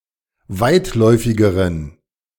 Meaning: inflection of weitläufig: 1. strong genitive masculine/neuter singular comparative degree 2. weak/mixed genitive/dative all-gender singular comparative degree
- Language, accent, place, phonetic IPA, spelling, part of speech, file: German, Germany, Berlin, [ˈvaɪ̯tˌlɔɪ̯fɪɡəʁən], weitläufigeren, adjective, De-weitläufigeren.ogg